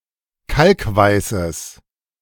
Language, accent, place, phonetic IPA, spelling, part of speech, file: German, Germany, Berlin, [ˈkalkˌvaɪ̯səs], kalkweißes, adjective, De-kalkweißes.ogg
- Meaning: strong/mixed nominative/accusative neuter singular of kalkweiß